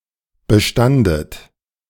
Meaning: second-person plural preterite of bestehen
- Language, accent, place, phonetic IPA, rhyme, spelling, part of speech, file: German, Germany, Berlin, [bəˈʃtandət], -andət, bestandet, verb, De-bestandet.ogg